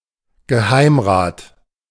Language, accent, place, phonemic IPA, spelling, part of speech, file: German, Germany, Berlin, /ɡəˈhaɪ̯mˌʁaːt/, Geheimrat, noun, De-Geheimrat.ogg
- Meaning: privy councillor (title of the highest officials of a German royal or principal court, and also of very eminent professors in some German universities)